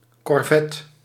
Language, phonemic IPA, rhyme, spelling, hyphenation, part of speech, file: Dutch, /kɔrˈvɛt/, -ɛt, korvet, kor‧vet, noun, Nl-korvet.ogg
- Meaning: corvette